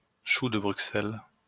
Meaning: Brussels sprout
- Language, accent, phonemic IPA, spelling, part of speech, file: French, France, /ʃu də bʁy.sɛl/, chou de Bruxelles, noun, LL-Q150 (fra)-chou de Bruxelles.wav